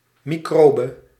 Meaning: microbe
- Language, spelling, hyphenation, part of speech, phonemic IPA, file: Dutch, microbe, mi‧cro‧be, noun, /ˌmiˈkroː.bə/, Nl-microbe.ogg